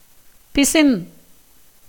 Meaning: 1. gum, resin, exudation from certain trees 2. glue, paste 3. stickiness, viscousness 4. benzoin 5. cotton thread
- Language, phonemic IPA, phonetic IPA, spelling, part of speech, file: Tamil, /pɪtʃɪn/, [pɪsɪn], பிசின், noun, Ta-பிசின்.ogg